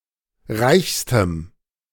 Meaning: strong dative masculine/neuter singular superlative degree of reich
- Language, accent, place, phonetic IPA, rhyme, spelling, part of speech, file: German, Germany, Berlin, [ˈʁaɪ̯çstəm], -aɪ̯çstəm, reichstem, adjective, De-reichstem.ogg